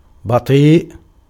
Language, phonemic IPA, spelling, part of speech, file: Arabic, /ba.tˤiːʔ/, بطيء, adjective, Ar-بطيء.ogg
- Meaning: slow, late, backward